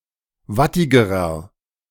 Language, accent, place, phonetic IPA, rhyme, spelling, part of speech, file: German, Germany, Berlin, [ˈvatɪɡəʁɐ], -atɪɡəʁɐ, wattigerer, adjective, De-wattigerer.ogg
- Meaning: inflection of wattig: 1. strong/mixed nominative masculine singular comparative degree 2. strong genitive/dative feminine singular comparative degree 3. strong genitive plural comparative degree